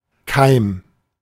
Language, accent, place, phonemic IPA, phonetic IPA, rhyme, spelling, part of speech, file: German, Germany, Berlin, /kaɪ̯m/, [kʰaɪ̯m], -aɪ̯m, Keim, noun, De-Keim.ogg
- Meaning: 1. germ 2. seed 3. sprout